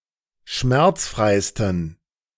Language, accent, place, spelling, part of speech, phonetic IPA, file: German, Germany, Berlin, schmerzfreisten, adjective, [ˈʃmɛʁt͡sˌfʁaɪ̯stn̩], De-schmerzfreisten.ogg
- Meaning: 1. superlative degree of schmerzfrei 2. inflection of schmerzfrei: strong genitive masculine/neuter singular superlative degree